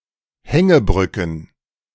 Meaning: plural of Hängebrücke
- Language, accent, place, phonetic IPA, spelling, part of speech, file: German, Germany, Berlin, [ˈhɛŋəˌbʁʏkn̩], Hängebrücken, noun, De-Hängebrücken.ogg